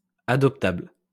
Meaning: adoptable
- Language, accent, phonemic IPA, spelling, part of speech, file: French, France, /a.dɔp.tabl/, adoptable, adjective, LL-Q150 (fra)-adoptable.wav